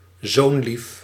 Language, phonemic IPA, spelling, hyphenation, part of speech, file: Dutch, /ˈzoːn.lif/, zoonlief, zoon‧lief, noun, Nl-zoonlief.ogg
- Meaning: a parent's beloved son; sonny boy (frequently used ironically)